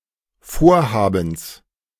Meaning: genitive singular of Vorhaben
- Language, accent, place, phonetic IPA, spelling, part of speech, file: German, Germany, Berlin, [ˈfoːɐ̯haːbəns], Vorhabens, noun, De-Vorhabens.ogg